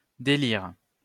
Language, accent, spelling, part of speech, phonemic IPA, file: French, France, délire, noun / verb, /de.liʁ/, LL-Q150 (fra)-délire.wav
- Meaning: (noun) 1. delirium 2. crazy stuff, absurdity, nonsense; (verb) inflection of délirer: 1. first/third-person singular present indicative/subjunctive 2. second-person singular imperative